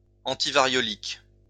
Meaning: antivariolous, antismallpox
- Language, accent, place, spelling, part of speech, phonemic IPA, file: French, France, Lyon, antivariolique, adjective, /ɑ̃.ti.va.ʁjɔ.lik/, LL-Q150 (fra)-antivariolique.wav